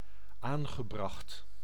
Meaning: past participle of aanbrengen
- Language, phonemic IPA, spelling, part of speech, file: Dutch, /ˈaŋɣəˌbrɑxt/, aangebracht, verb / adjective, Nl-aangebracht.ogg